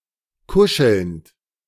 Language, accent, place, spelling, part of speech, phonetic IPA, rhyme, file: German, Germany, Berlin, kuschelnd, verb, [ˈkʊʃl̩nt], -ʊʃl̩nt, De-kuschelnd.ogg
- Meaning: present participle of kuscheln